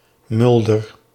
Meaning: a surname, Mulder, originating as an occupation, equivalent to English Miller
- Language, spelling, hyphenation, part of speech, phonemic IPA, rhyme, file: Dutch, Mulder, Mul‧der, proper noun, /ˈmʏl.dər/, -ʏldər, Nl-Mulder.ogg